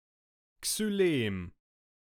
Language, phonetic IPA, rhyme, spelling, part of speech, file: German, [ksyˈleːm], -eːm, Xylem, noun, De-Xylem.ogg
- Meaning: xylem